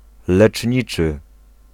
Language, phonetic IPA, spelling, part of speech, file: Polish, [lɛt͡ʃʲˈɲit͡ʃɨ], leczniczy, adjective, Pl-leczniczy.ogg